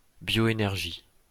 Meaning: bioenergy
- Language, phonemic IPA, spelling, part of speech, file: French, /bjo.e.nɛʁ.ʒi/, bioénergie, noun, LL-Q150 (fra)-bioénergie.wav